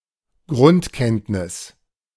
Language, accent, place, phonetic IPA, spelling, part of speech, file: German, Germany, Berlin, [ˈɡʁʊntˌkɛntnɪs], Grundkenntnis, noun, De-Grundkenntnis.ogg
- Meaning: basic knowledge